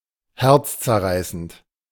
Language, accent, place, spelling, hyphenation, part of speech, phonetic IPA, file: German, Germany, Berlin, herzzerreißend, herz‧zer‧rei‧ßend, adjective, [ˈhɛʁt͡st͡sɛɐ̯ˌʁaɪ̯sənt], De-herzzerreißend.ogg
- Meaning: heartrending, heartbreaking